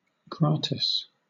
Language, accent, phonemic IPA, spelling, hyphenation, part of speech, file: English, Southern England, /ˈɡɹɑː.tɪs/, gratis, grat‧is, adjective / adverb, LL-Q1860 (eng)-gratis.wav
- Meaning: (adjective) Free: without charge; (adverb) In a free way: without charge